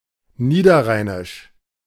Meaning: 1. of the Lower Rhine (Niederrhein) 2. Low Rhenish: in, of or relating to the dialects of the Lower Rhine region (Niederrheinisch)
- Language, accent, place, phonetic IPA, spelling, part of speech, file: German, Germany, Berlin, [ˈniːdɐˌʁaɪ̯nɪʃ], niederrheinisch, adjective, De-niederrheinisch.ogg